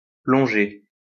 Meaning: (noun) 1. dive 2. the forward tilt of an automobile when braking; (verb) feminine singular of plongé
- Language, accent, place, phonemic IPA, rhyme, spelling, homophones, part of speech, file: French, France, Lyon, /plɔ̃.ʒe/, -e, plongée, plongé / plongeai / plongées / plonger / plongés / plongez, noun / verb, LL-Q150 (fra)-plongée.wav